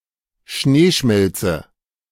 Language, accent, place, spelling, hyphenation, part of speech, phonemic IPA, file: German, Germany, Berlin, Schneeschmelze, Schnee‧schmel‧ze, noun, /ˈʃneːˌʃmɛlt͡sə/, De-Schneeschmelze.ogg
- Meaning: thaw